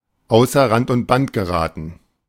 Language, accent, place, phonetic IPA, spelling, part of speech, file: German, Germany, Berlin, [ˈaʊ̯sɐ ʁant ʊnt bant ɡəˈʁaːtn̩], außer Rand und Band geraten, phrase, De-außer Rand und Band geraten.ogg
- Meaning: to go wild